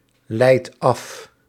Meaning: inflection of afleiden: 1. second/third-person singular present indicative 2. plural imperative
- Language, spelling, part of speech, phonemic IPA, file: Dutch, leidt af, verb, /ˈlɛit ˈɑf/, Nl-leidt af.ogg